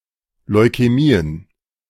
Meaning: plural of Leukämie
- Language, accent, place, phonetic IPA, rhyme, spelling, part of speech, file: German, Germany, Berlin, [lɔɪ̯kɛˈmiːən], -iːən, Leukämien, noun, De-Leukämien.ogg